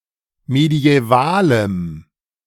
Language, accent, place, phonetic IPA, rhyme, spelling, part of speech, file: German, Germany, Berlin, [medi̯ɛˈvaːləm], -aːləm, mediävalem, adjective, De-mediävalem.ogg
- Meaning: strong dative masculine/neuter singular of mediäval